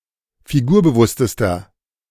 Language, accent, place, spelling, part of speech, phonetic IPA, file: German, Germany, Berlin, figurbewusstester, adjective, [fiˈɡuːɐ̯bəˌvʊstəstɐ], De-figurbewusstester.ogg
- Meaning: inflection of figurbewusst: 1. strong/mixed nominative masculine singular superlative degree 2. strong genitive/dative feminine singular superlative degree 3. strong genitive plural superlative degree